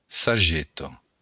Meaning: arrow
- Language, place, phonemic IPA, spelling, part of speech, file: Occitan, Béarn, /saˈd͡ʒeto/, sageta, noun, LL-Q14185 (oci)-sageta.wav